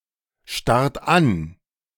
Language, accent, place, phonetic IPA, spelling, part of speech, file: German, Germany, Berlin, [ˌʃtaʁt ˈan], starrt an, verb, De-starrt an.ogg
- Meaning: inflection of anstarren: 1. third-person singular present 2. second-person plural present 3. plural imperative